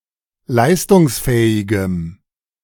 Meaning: strong dative masculine/neuter singular of leistungsfähig
- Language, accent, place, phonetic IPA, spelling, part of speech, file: German, Germany, Berlin, [ˈlaɪ̯stʊŋsˌfɛːɪɡəm], leistungsfähigem, adjective, De-leistungsfähigem.ogg